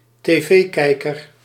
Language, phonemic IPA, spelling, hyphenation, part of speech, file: Dutch, /teːˈveːˌkɛi̯.kər/, tv-kijker, tv-kij‧ker, noun, Nl-tv-kijker.ogg
- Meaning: alternative form of televisiekijker